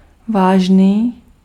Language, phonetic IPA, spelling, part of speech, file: Czech, [ˈvaːʒniː], vážný, adjective, Cs-vážný.ogg
- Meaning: serious